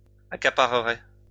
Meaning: first/second-person singular conditional of accaparer
- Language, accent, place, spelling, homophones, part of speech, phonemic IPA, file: French, France, Lyon, accaparerais, accapareraient / accaparerait, verb, /a.ka.pa.ʁə.ʁɛ/, LL-Q150 (fra)-accaparerais.wav